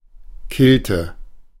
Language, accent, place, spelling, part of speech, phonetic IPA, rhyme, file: German, Germany, Berlin, killte, verb, [ˈkɪltə], -ɪltə, De-killte.ogg
- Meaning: inflection of killen: 1. first/third-person singular preterite 2. first/third-person singular subjunctive II